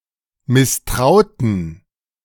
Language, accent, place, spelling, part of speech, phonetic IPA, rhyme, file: German, Germany, Berlin, misstrauten, verb, [mɪsˈtʁaʊ̯tn̩], -aʊ̯tn̩, De-misstrauten.ogg
- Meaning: inflection of misstrauen: 1. first/third-person plural preterite 2. first/third-person plural subjunctive II